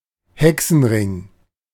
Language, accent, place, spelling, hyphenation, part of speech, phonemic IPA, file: German, Germany, Berlin, Hexenring, He‧xen‧ring, noun, /ˈhɛksn̩ʁɪŋ/, De-Hexenring.ogg
- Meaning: fairy ring